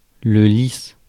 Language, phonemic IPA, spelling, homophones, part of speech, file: French, /lis/, lis, lice / lices / lisse / lissent / lisses, noun, Fr-lis.ogg
- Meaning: lily